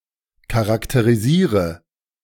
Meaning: inflection of charakterisieren: 1. first-person singular present 2. singular imperative 3. first/third-person singular subjunctive I
- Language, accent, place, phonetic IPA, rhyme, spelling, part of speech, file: German, Germany, Berlin, [kaʁakteʁiˈziːʁə], -iːʁə, charakterisiere, verb, De-charakterisiere.ogg